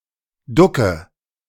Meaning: inflection of ducken: 1. first-person singular present 2. first/third-person singular subjunctive I 3. singular imperative
- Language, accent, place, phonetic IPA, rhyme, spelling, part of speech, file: German, Germany, Berlin, [ˈdʊkə], -ʊkə, ducke, verb, De-ducke.ogg